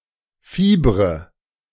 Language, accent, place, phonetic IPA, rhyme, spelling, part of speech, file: German, Germany, Berlin, [ˈfiːbʁə], -iːbʁə, fiebre, verb, De-fiebre.ogg
- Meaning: inflection of fiebern: 1. first-person singular present 2. first/third-person singular subjunctive I 3. singular imperative